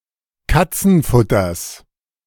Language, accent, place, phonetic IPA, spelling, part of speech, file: German, Germany, Berlin, [ˈkat͡sn̩ˌfʊtɐs], Katzenfutters, noun, De-Katzenfutters.ogg
- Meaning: genitive singular of Katzenfutter